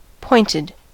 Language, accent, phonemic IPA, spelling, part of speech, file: English, US, /ˈpɔɪnɪd/, pointed, verb / adjective, En-us-pointed.ogg
- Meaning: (verb) simple past and past participle of point; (adjective) 1. Sharp, barbed; not dull 2. Having a certain number of points 3. Having a relevance to the matter at hand: pertinent, relevant